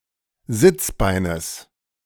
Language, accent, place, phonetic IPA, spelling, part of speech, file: German, Germany, Berlin, [ˈzɪt͡sˌbaɪ̯nəs], Sitzbeines, noun, De-Sitzbeines.ogg
- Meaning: genitive singular of Sitzbein